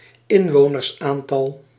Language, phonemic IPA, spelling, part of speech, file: Dutch, /ˈɪɱwonərsˌantɑl/, inwonersaantal, noun, Nl-inwonersaantal.ogg
- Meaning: population (count)